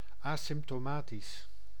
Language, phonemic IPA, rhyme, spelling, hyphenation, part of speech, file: Dutch, /ˌaː.sɪm(p).toːˈmaː.tis/, -aːtis, asymptomatisch, asymp‧to‧ma‧tisch, adjective, Nl-asymptomatisch.ogg
- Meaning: asymptomatic (not exhibiting any symptoms of disease)